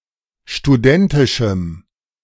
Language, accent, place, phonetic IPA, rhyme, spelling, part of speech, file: German, Germany, Berlin, [ʃtuˈdɛntɪʃm̩], -ɛntɪʃm̩, studentischem, adjective, De-studentischem.ogg
- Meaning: strong dative masculine/neuter singular of studentisch